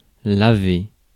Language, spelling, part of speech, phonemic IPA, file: French, laver, verb, /la.ve/, Fr-laver.ogg
- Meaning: 1. to wash 2. to wash oneself